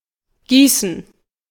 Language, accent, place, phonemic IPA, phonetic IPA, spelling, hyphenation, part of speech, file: German, Germany, Berlin, /ˈɡiːsən/, [ˈɡiːsn̩], Gießen, Gie‧ßen, noun / proper noun, De-Gießen.ogg
- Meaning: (noun) gerund of gießen; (proper noun) a town and rural district of Hesse, Germany